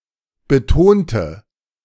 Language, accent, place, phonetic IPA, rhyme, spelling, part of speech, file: German, Germany, Berlin, [bəˈtoːntə], -oːntə, betonte, adjective / verb, De-betonte.ogg
- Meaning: inflection of betont: 1. strong/mixed nominative/accusative feminine singular 2. strong nominative/accusative plural 3. weak nominative all-gender singular 4. weak accusative feminine/neuter singular